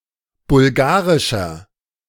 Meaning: inflection of bulgarisch: 1. strong/mixed nominative masculine singular 2. strong genitive/dative feminine singular 3. strong genitive plural
- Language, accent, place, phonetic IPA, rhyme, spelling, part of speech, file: German, Germany, Berlin, [bʊlˈɡaːʁɪʃɐ], -aːʁɪʃɐ, bulgarischer, adjective, De-bulgarischer.ogg